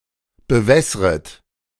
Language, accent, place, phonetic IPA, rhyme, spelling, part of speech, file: German, Germany, Berlin, [bəˈvɛsʁət], -ɛsʁət, bewässret, verb, De-bewässret.ogg
- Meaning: second-person plural subjunctive I of bewässern